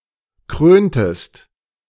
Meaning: inflection of krönen: 1. second-person singular preterite 2. second-person singular subjunctive II
- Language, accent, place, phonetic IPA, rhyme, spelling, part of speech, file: German, Germany, Berlin, [ˈkʁøːntəst], -øːntəst, kröntest, verb, De-kröntest.ogg